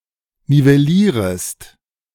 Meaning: second-person singular subjunctive I of nivellieren
- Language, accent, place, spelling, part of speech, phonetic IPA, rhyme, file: German, Germany, Berlin, nivellierest, verb, [nivɛˈliːʁəst], -iːʁəst, De-nivellierest.ogg